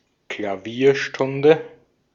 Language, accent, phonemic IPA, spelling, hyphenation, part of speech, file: German, Austria, /klaˈviːɐ̯ʃtʊndə/, Klavierstunde, Kla‧vier‧stun‧de, noun, De-at-Klavierstunde.ogg
- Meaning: piano lesson